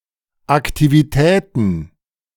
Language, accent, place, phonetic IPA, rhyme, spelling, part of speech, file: German, Germany, Berlin, [aktiviˈtɛːtn̩], -ɛːtn̩, Aktivitäten, noun, De-Aktivitäten.ogg
- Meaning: plural of Aktivität